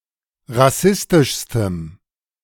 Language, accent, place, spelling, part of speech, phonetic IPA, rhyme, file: German, Germany, Berlin, rassistischstem, adjective, [ʁaˈsɪstɪʃstəm], -ɪstɪʃstəm, De-rassistischstem.ogg
- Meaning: strong dative masculine/neuter singular superlative degree of rassistisch